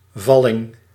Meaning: 1. rhinitis, cold 2. unripe fruit that fell to the ground 3. inclination (of a slope et cetera)
- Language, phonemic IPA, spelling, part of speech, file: Dutch, /ˈvɑlɪŋ/, valling, noun, Nl-valling.ogg